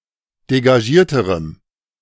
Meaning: strong dative masculine/neuter singular comparative degree of degagiert
- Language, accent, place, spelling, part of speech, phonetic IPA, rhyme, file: German, Germany, Berlin, degagierterem, adjective, [deɡaˈʒiːɐ̯təʁəm], -iːɐ̯təʁəm, De-degagierterem.ogg